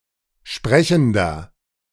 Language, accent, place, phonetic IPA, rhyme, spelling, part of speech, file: German, Germany, Berlin, [ˈʃpʁɛçn̩dɐ], -ɛçn̩dɐ, sprechender, adjective, De-sprechender.ogg
- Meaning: inflection of sprechend: 1. strong/mixed nominative masculine singular 2. strong genitive/dative feminine singular 3. strong genitive plural